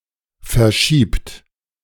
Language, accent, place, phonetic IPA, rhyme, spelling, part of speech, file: German, Germany, Berlin, [fɛɐ̯ˈʃiːpt], -iːpt, verschiebt, verb, De-verschiebt.ogg
- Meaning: inflection of verschieben: 1. third-person singular present 2. second-person plural present 3. plural imperative